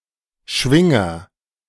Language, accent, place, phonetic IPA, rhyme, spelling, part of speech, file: German, Germany, Berlin, [ˈʃvɪŋɐ], -ɪŋɐ, Schwinger, noun, De-Schwinger.ogg
- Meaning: haltere (small knobbed structure in some two-winged insects, one of a pair that are flapped rapidly and function as accelerometers to maintain stability in flight)